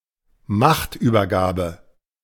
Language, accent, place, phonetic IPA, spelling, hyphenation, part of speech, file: German, Germany, Berlin, [ˈmaχtʔyːbɐˌɡaːbə], Machtübergabe, Macht‧über‧ga‧be, noun, De-Machtübergabe.ogg
- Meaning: handover of power